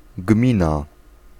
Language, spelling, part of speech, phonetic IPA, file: Polish, gmina, noun, [ˈɡmʲĩna], Pl-gmina.ogg